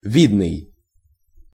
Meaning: 1. visible, conspicuous 2. outstanding, eminent, prominent 3. stately, portly
- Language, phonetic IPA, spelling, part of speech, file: Russian, [ˈvʲidnɨj], видный, adjective, Ru-видный.ogg